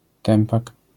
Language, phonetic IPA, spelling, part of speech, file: Polish, [ˈtɛ̃mpak], tępak, noun, LL-Q809 (pol)-tępak.wav